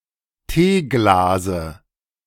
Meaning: dative of Teeglas
- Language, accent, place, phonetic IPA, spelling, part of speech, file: German, Germany, Berlin, [ˈteːˌɡlaːzə], Teeglase, noun, De-Teeglase.ogg